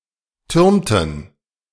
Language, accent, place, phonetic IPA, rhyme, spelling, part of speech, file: German, Germany, Berlin, [ˈtʏʁmtn̩], -ʏʁmtn̩, türmten, verb, De-türmten.ogg
- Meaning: inflection of türmen: 1. first/third-person plural preterite 2. first/third-person plural subjunctive II